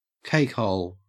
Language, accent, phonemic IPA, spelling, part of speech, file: English, Australia, /keɪkhoʊl/, cakehole, noun, En-au-cakehole.ogg
- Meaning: The mouth